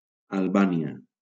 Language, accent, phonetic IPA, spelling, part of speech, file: Catalan, Valencia, [alˈba.ni.a], Albània, proper noun, LL-Q7026 (cat)-Albània.wav
- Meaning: Albania (a country in Southeastern Europe)